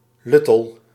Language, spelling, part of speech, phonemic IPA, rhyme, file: Dutch, luttel, determiner, /ˈlʏ.təl/, -ʏtəl, Nl-luttel.ogg
- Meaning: little, few, mere